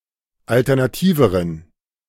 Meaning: inflection of alternativ: 1. strong genitive masculine/neuter singular comparative degree 2. weak/mixed genitive/dative all-gender singular comparative degree
- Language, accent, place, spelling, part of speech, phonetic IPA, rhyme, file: German, Germany, Berlin, alternativeren, adjective, [ˌaltɛʁnaˈtiːvəʁən], -iːvəʁən, De-alternativeren.ogg